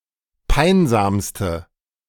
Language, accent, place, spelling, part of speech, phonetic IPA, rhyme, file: German, Germany, Berlin, peinsamste, adjective, [ˈpaɪ̯nzaːmstə], -aɪ̯nzaːmstə, De-peinsamste.ogg
- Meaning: inflection of peinsam: 1. strong/mixed nominative/accusative feminine singular superlative degree 2. strong nominative/accusative plural superlative degree